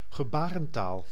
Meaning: a sign language, either in general (without article) or any codified medium for communication with the (nearly) deaf
- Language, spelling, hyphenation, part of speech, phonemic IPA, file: Dutch, gebarentaal, ge‧ba‧ren‧taal, noun, /ɣəˈbaː.rə(n)ˌtaːl/, Nl-gebarentaal.ogg